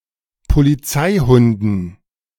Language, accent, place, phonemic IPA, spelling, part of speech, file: German, Germany, Berlin, /poliˈt͡saɪ̯ˌhʊndn̩/, Polizeihunden, noun, De-Polizeihunden.ogg
- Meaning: dative plural of Polizeihund